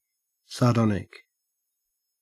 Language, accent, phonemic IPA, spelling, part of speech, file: English, Australia, /sɐːˈdɔnɪk/, sardonic, adjective, En-au-sardonic.ogg
- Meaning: 1. Scornfully mocking or cynical 2. Disdainfully or ironically humorous